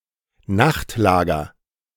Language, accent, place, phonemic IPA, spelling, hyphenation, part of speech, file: German, Germany, Berlin, /ˈnaxtˌlaːɡɐ/, Nachtlager, Nacht‧lager, noun, De-Nachtlager.ogg
- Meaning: night lodging, bivouac